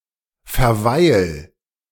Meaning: 1. singular imperative of verweilen 2. first-person singular present of verweilen
- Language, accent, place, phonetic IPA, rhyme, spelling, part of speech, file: German, Germany, Berlin, [fɛɐ̯ˈvaɪ̯l], -aɪ̯l, verweil, verb, De-verweil.ogg